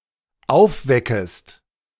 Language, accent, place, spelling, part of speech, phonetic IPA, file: German, Germany, Berlin, aufweckest, verb, [ˈaʊ̯fˌvɛkəst], De-aufweckest.ogg
- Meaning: second-person singular dependent subjunctive I of aufwecken